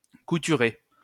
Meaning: 1. to sew 2. to scar
- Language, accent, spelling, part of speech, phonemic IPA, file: French, France, couturer, verb, /ku.ty.ʁe/, LL-Q150 (fra)-couturer.wav